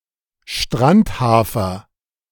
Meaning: beachgrass (Ammophila)
- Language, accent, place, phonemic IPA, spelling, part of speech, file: German, Germany, Berlin, /ˈʃtranthaːfɐ/, Strandhafer, noun, De-Strandhafer.ogg